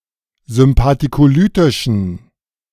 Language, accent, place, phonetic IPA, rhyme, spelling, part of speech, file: German, Germany, Berlin, [zʏmpatikoˈlyːtɪʃn̩], -yːtɪʃn̩, sympathikolytischen, adjective, De-sympathikolytischen.ogg
- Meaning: inflection of sympathikolytisch: 1. strong genitive masculine/neuter singular 2. weak/mixed genitive/dative all-gender singular 3. strong/weak/mixed accusative masculine singular